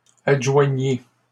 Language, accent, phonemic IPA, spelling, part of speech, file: French, Canada, /ad.ʒwa.ɲi/, adjoignit, verb, LL-Q150 (fra)-adjoignit.wav
- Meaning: third-person singular past historic of adjoindre